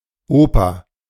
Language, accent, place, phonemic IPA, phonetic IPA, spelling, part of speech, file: German, Germany, Berlin, /ˈoːpəʁ/, [ˈʔoː.pɐ], Oper, noun, De-Oper.ogg
- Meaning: 1. opera (theatrical work, combining drama, music, song and sometimes dance) 2. opera house, opera (theatre, or similar building, primarily used for staging opera)